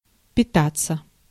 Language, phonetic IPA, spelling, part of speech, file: Russian, [pʲɪˈtat͡sːə], питаться, verb, Ru-питаться.ogg
- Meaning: 1. to feed (on), to live (on), to use as sustenance, to eat 2. to use as a source of power 3. passive of пита́ть (pitátʹ)